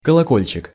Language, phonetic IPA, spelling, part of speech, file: Russian, [kəɫɐˈkolʲt͡ɕɪk], колокольчик, noun, Ru-колокольчик.ogg
- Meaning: 1. bell, handbell 2. bluebell, bellflower, campanula 3. glockenspiel 4. RCA connector